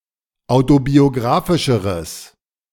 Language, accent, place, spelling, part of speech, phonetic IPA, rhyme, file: German, Germany, Berlin, autobiografischeres, adjective, [ˌaʊ̯tobioˈɡʁaːfɪʃəʁəs], -aːfɪʃəʁəs, De-autobiografischeres.ogg
- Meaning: strong/mixed nominative/accusative neuter singular comparative degree of autobiografisch